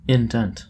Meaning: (noun) 1. A cut or notch in the margin of anything, or a recess like a notch 2. A stamp; an impression
- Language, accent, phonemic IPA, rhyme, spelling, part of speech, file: English, US, /ɪnˈdɛnt/, -ɛnt, indent, noun / verb, En-us-indent.oga